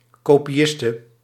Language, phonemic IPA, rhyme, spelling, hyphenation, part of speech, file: Dutch, /ˌkoː.piˈɪs.tə/, -ɪstə, kopiiste, ko‧pi‧is‧te, noun, Nl-kopiiste.ogg
- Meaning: a female copyist (chiefly in relation to writing)